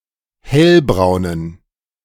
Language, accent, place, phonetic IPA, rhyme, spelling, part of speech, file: German, Germany, Berlin, [ˈhɛlbʁaʊ̯nən], -ɛlbʁaʊ̯nən, hellbraunen, adjective, De-hellbraunen.ogg
- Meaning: inflection of hellbraun: 1. strong genitive masculine/neuter singular 2. weak/mixed genitive/dative all-gender singular 3. strong/weak/mixed accusative masculine singular 4. strong dative plural